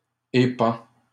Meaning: third-person singular present indicative of épandre
- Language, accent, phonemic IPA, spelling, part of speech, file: French, Canada, /e.pɑ̃/, épand, verb, LL-Q150 (fra)-épand.wav